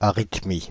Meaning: arrhythmia
- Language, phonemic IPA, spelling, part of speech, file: French, /a.ʁit.mi/, arythmie, noun, Fr-arythmie.ogg